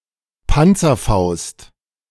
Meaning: 1. Panzerfaust (type of anti-tank grenade launcher developed in WWII, now usually the Panzerfaust 3) 2. bazooka, any shoulder-fired anti-tank grenade launcher
- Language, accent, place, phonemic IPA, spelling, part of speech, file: German, Germany, Berlin, /ˈpantsɐˌfaʊst/, Panzerfaust, noun, De-Panzerfaust.ogg